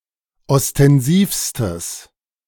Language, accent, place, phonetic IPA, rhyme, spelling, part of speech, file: German, Germany, Berlin, [ɔstɛnˈziːfstəs], -iːfstəs, ostensivstes, adjective, De-ostensivstes.ogg
- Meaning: strong/mixed nominative/accusative neuter singular superlative degree of ostensiv